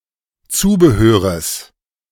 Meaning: genitive singular of Zubehör
- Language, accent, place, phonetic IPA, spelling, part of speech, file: German, Germany, Berlin, [ˈt͡suːbəˌhøːʁəs], Zubehöres, noun, De-Zubehöres.ogg